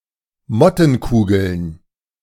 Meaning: plural of Mottenkugel
- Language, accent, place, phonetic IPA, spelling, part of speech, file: German, Germany, Berlin, [ˈmɔtn̩ˌkuːɡl̩n], Mottenkugeln, noun, De-Mottenkugeln.ogg